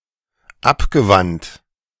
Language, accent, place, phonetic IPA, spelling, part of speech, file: German, Germany, Berlin, [ˈapɡəˌvant], abgewandt, verb, De-abgewandt.ogg
- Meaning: past participle of abwenden